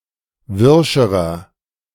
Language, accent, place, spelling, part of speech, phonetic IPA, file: German, Germany, Berlin, wirscherer, adjective, [ˈvɪʁʃəʁɐ], De-wirscherer.ogg
- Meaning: inflection of wirsch: 1. strong/mixed nominative masculine singular comparative degree 2. strong genitive/dative feminine singular comparative degree 3. strong genitive plural comparative degree